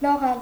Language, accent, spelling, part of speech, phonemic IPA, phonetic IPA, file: Armenian, Eastern Armenian, լողալ, verb, /loˈʁɑl/, [loʁɑ́l], Hy-լողալ.ogg
- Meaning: 1. to swim 2. to float, to drift 3. to sail